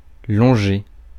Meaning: to walk along, run along
- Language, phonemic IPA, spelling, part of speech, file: French, /lɔ̃.ʒe/, longer, verb, Fr-longer.ogg